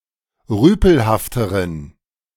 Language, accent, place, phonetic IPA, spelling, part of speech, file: German, Germany, Berlin, [ˈʁyːpl̩haftəʁən], rüpelhafteren, adjective, De-rüpelhafteren.ogg
- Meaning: inflection of rüpelhaft: 1. strong genitive masculine/neuter singular comparative degree 2. weak/mixed genitive/dative all-gender singular comparative degree